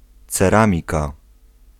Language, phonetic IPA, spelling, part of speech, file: Polish, [t͡sɛˈrãmʲika], ceramika, noun, Pl-ceramika.ogg